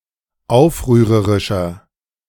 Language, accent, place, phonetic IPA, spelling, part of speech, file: German, Germany, Berlin, [ˈaʊ̯fʁyːʁəʁɪʃɐ], aufrührerischer, adjective, De-aufrührerischer.ogg
- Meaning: 1. comparative degree of aufrührerisch 2. inflection of aufrührerisch: strong/mixed nominative masculine singular 3. inflection of aufrührerisch: strong genitive/dative feminine singular